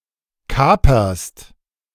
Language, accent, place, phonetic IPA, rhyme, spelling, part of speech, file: German, Germany, Berlin, [ˈkaːpɐst], -aːpɐst, kaperst, verb, De-kaperst.ogg
- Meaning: second-person singular present of kapern